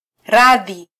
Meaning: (verb) 1. to forgive, pardon 2. to satisfy, approve; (noun) 1. forgiveness 2. satisfaction, approval, blessing; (adjective) satisfied, approving, willing
- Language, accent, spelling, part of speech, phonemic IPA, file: Swahili, Kenya, radhi, verb / noun / adjective, /ˈɾɑ.ði/, Sw-ke-radhi.flac